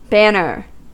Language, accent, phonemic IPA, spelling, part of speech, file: English, US, /ˈbænɚ/, banner, noun / adjective / verb, En-us-banner.ogg
- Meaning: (noun) 1. A flag or standard used by a military commander, monarch or nation 2. The military unit under such a flag or standard 3. A military or administrative subdivision